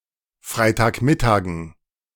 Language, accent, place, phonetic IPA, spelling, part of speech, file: German, Germany, Berlin, [ˈfʁaɪ̯taːkˌmɪtaːɡn̩], Freitagmittagen, noun, De-Freitagmittagen.ogg
- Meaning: dative plural of Freitagmittag